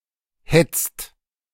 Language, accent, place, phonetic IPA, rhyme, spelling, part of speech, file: German, Germany, Berlin, [hɛt͡st], -ɛt͡st, hetzt, verb, De-hetzt.ogg
- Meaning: inflection of hetzen: 1. second/third-person singular present 2. second-person plural present 3. plural imperative